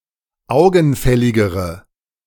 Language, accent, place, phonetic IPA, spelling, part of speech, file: German, Germany, Berlin, [ˈaʊ̯ɡn̩ˌfɛlɪɡəʁə], augenfälligere, adjective, De-augenfälligere.ogg
- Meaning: inflection of augenfällig: 1. strong/mixed nominative/accusative feminine singular comparative degree 2. strong nominative/accusative plural comparative degree